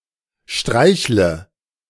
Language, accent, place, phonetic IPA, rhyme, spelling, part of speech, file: German, Germany, Berlin, [ˈʃtʁaɪ̯çlə], -aɪ̯çlə, streichle, verb, De-streichle.ogg
- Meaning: inflection of streicheln: 1. first-person singular present 2. first/third-person singular subjunctive I 3. singular imperative